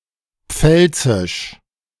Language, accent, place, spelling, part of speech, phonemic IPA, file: German, Germany, Berlin, pfälzisch, adjective, /ˈpfɛlt͡sɪʃ/, De-pfälzisch.ogg
- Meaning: palatine